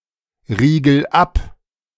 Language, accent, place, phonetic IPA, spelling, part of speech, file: German, Germany, Berlin, [ˌʁiːɡl̩ ˈap], riegel ab, verb, De-riegel ab.ogg
- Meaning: inflection of abriegeln: 1. first-person singular present 2. singular imperative